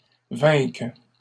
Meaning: first/third-person singular present subjunctive of vaincre
- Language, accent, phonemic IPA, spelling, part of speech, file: French, Canada, /vɛ̃k/, vainque, verb, LL-Q150 (fra)-vainque.wav